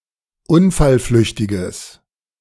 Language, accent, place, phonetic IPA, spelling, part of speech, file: German, Germany, Berlin, [ˈʊnfalˌflʏçtɪɡəs], unfallflüchtiges, adjective, De-unfallflüchtiges.ogg
- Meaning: strong/mixed nominative/accusative neuter singular of unfallflüchtig